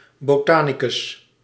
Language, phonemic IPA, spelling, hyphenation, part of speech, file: Dutch, /boːˈtaː.ni.kʏs/, botanicus, bo‧ta‧ni‧cus, noun, Nl-botanicus.ogg
- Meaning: botanist